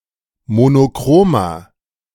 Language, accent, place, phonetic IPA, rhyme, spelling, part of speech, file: German, Germany, Berlin, [monoˈkʁoːmɐ], -oːmɐ, monochromer, adjective, De-monochromer.ogg
- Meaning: inflection of monochrom: 1. strong/mixed nominative masculine singular 2. strong genitive/dative feminine singular 3. strong genitive plural